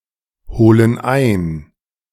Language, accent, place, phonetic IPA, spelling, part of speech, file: German, Germany, Berlin, [ˌhoːlən ˈaɪ̯n], holen ein, verb, De-holen ein.ogg
- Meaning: inflection of einholen: 1. first/third-person plural present 2. first/third-person plural subjunctive I